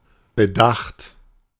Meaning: 1. past participle of bedenken 2. past participle of bedachen 3. inflection of bedachen: third-person singular present 4. inflection of bedachen: second-person plural present
- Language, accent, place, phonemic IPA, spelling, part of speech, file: German, Germany, Berlin, /bəˈdaxt/, bedacht, verb, De-bedacht.ogg